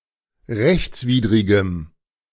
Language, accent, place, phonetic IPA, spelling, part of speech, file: German, Germany, Berlin, [ˈʁɛçt͡sˌviːdʁɪɡəm], rechtswidrigem, adjective, De-rechtswidrigem.ogg
- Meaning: strong dative masculine/neuter singular of rechtswidrig